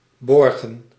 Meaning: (verb) 1. to secure, to keep safe 2. to guarantee 3. to ensure the sustainability of a particular policy or procedure 4. to lend (especially of credit) 5. to borrow; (noun) plural of borg
- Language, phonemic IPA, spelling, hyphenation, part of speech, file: Dutch, /ˈbɔrɣə(n)/, borgen, bor‧gen, verb / noun, Nl-borgen.ogg